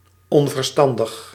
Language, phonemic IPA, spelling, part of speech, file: Dutch, /ˌɔɱvərˈstɑndəx/, onverstandig, adjective, Nl-onverstandig.ogg
- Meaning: unwise, insensible